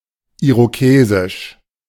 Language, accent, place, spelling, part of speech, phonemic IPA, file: German, Germany, Berlin, irokesisch, adjective, /ˌiʁoˈkeːzɪʃ/, De-irokesisch.ogg
- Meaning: Iroquoian